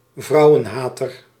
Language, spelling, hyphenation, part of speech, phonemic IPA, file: Dutch, vrouwenhater, vrou‧wen‧ha‧ter, noun, /ˈvrɑu̯ənˌɦaːtər/, Nl-vrouwenhater.ogg
- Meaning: misogynist